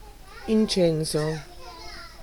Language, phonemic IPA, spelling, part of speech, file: Italian, /inˈtsɛnso/, incenso, adjective / noun / verb, It-incenso.ogg